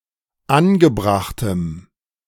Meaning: strong dative masculine/neuter singular of angebracht
- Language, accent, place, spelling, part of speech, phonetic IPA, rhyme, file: German, Germany, Berlin, angebrachtem, adjective, [ˈanɡəˌbʁaxtəm], -anɡəbʁaxtəm, De-angebrachtem.ogg